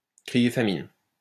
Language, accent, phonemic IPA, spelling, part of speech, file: French, France, /kʁi.je fa.min/, crier famine, verb, LL-Q150 (fra)-crier famine.wav
- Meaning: to rumble, to poor-mouth, to cry poor, to cry poverty, to plead poverty